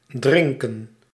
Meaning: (verb) 1. to drink, consume a liquid 2. to be an alcoholic; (noun) drink, beverage
- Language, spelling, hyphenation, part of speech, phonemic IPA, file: Dutch, drinken, drin‧ken, verb / noun, /ˈdrɪŋkə(n)/, Nl-drinken.ogg